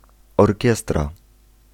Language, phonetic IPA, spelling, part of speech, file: Polish, [ɔrʲˈcɛstra], orkiestra, noun, Pl-orkiestra.ogg